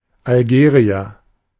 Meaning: Algerian (a person from Algeria)
- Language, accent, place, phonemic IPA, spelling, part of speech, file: German, Germany, Berlin, /alˈɡeriɛr/, Algerier, noun, De-Algerier.ogg